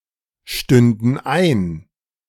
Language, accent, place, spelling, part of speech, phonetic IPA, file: German, Germany, Berlin, stünden ein, verb, [ˌʃtʏndn̩ ˈaɪ̯n], De-stünden ein.ogg
- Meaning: first/third-person plural subjunctive II of einstehen